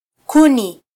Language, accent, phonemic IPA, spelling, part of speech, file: Swahili, Kenya, /ˈku.ni/, kuni, noun, Sw-ke-kuni.flac
- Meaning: plural of ukuni: firewood